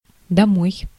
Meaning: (adverb) home, homewards, to the house; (verb) second-person singular imperative of домыть (domytʹ)
- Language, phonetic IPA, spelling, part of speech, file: Russian, [dɐˈmoj], домой, adverb / verb, Ru-домой.ogg